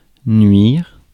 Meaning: to harm, to spoil
- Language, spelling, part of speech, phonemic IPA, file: French, nuire, verb, /nɥiʁ/, Fr-nuire.ogg